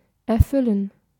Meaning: 1. to fill (with something physical or abstract) 2. to fulfill / fulfil 3. to come true 4. to grant (a wish, a request)
- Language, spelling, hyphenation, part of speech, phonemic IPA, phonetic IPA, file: German, erfüllen, er‧fül‧len, verb, /ɛrˈfʏlən/, [ʔɛɐ̯ˈfʏlən], De-erfüllen.ogg